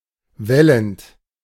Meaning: present participle of wellen
- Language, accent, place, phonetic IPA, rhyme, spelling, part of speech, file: German, Germany, Berlin, [ˈvɛlənt], -ɛlənt, wellend, verb, De-wellend.ogg